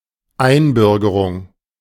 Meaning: naturalization
- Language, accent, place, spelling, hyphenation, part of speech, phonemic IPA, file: German, Germany, Berlin, Einbürgerung, Ein‧bür‧ge‧rung, noun, /ˈaɪ̯nˌbʏʁɡəʁʊŋ/, De-Einbürgerung.ogg